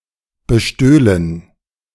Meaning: first-person plural subjunctive II of bestehlen
- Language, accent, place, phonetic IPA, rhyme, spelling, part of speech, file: German, Germany, Berlin, [bəˈʃtøːlən], -øːlən, bestöhlen, verb, De-bestöhlen.ogg